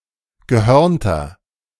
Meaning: inflection of gehörnt: 1. strong/mixed nominative masculine singular 2. strong genitive/dative feminine singular 3. strong genitive plural
- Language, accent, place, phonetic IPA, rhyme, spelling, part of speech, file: German, Germany, Berlin, [ɡəˈhœʁntɐ], -œʁntɐ, gehörnter, adjective, De-gehörnter.ogg